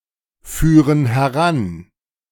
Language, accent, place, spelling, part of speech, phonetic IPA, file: German, Germany, Berlin, führen heran, verb, [ˌfyːʁən hɛˈʁan], De-führen heran.ogg
- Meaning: inflection of heranführen: 1. first/third-person plural present 2. first/third-person plural subjunctive I